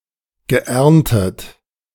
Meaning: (verb) past participle of ernten; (adjective) harvested, reaped
- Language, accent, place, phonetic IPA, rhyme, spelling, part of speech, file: German, Germany, Berlin, [ɡəˈʔɛʁntət], -ɛʁntət, geerntet, verb, De-geerntet.ogg